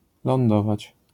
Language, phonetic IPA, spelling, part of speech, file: Polish, [lɔ̃nˈdɔvat͡ɕ], lądować, verb, LL-Q809 (pol)-lądować.wav